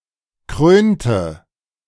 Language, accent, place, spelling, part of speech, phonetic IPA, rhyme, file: German, Germany, Berlin, krönte, verb, [ˈkʁøːntə], -øːntə, De-krönte.ogg
- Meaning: inflection of krönen: 1. first/third-person singular preterite 2. first/third-person singular subjunctive II